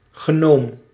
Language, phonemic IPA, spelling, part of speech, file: Dutch, /xəˈnom/, genoom, noun, Nl-genoom.ogg
- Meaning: genome (complete genetic information of an organism)